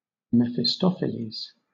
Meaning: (proper noun) The Devil to whom Faust sold his soul in the legend; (noun) A fiendish person, especially one who tricks someone into following a destructive or disastrous course of action; a tempter
- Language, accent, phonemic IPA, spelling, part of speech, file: English, Southern England, /ˌmɛ.fɪˈstɒ.fɪ.liːz/, Mephistopheles, proper noun / noun, LL-Q1860 (eng)-Mephistopheles.wav